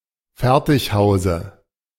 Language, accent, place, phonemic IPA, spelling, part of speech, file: German, Germany, Berlin, /ˈfɛʁtɪçˌhaʊ̯zə/, Fertighause, noun, De-Fertighause.ogg
- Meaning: dative singular of Fertighaus